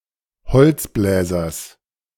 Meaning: second-person plural subjunctive I of beziffern
- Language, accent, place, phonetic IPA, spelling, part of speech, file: German, Germany, Berlin, [bəˈt͡sɪfəʁət], bezifferet, verb, De-bezifferet.ogg